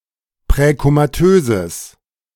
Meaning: strong/mixed nominative/accusative neuter singular of präkomatös
- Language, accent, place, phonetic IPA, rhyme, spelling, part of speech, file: German, Germany, Berlin, [pʁɛkomaˈtøːzəs], -øːzəs, präkomatöses, adjective, De-präkomatöses.ogg